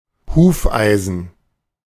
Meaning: horseshoe
- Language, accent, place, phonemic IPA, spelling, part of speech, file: German, Germany, Berlin, /ˈhuːfˌaɪ̯zən/, Hufeisen, noun, De-Hufeisen.ogg